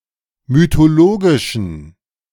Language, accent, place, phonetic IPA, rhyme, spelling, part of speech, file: German, Germany, Berlin, [mytoˈloːɡɪʃn̩], -oːɡɪʃn̩, mythologischen, adjective, De-mythologischen.ogg
- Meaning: inflection of mythologisch: 1. strong genitive masculine/neuter singular 2. weak/mixed genitive/dative all-gender singular 3. strong/weak/mixed accusative masculine singular 4. strong dative plural